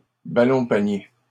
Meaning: basketball
- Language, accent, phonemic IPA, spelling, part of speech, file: French, Canada, /ba.lɔ̃.pa.nje/, ballon-panier, noun, LL-Q150 (fra)-ballon-panier.wav